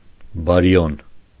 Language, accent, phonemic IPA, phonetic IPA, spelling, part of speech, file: Armenian, Eastern Armenian, /bɑɾiˈjon/, [bɑɾijón], բարիոն, noun, Hy-բարիոն.ogg
- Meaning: baryon